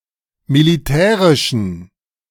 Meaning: inflection of militärisch: 1. strong genitive masculine/neuter singular 2. weak/mixed genitive/dative all-gender singular 3. strong/weak/mixed accusative masculine singular 4. strong dative plural
- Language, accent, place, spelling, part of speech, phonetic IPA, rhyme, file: German, Germany, Berlin, militärischen, adjective, [miliˈtɛːʁɪʃn̩], -ɛːʁɪʃn̩, De-militärischen.ogg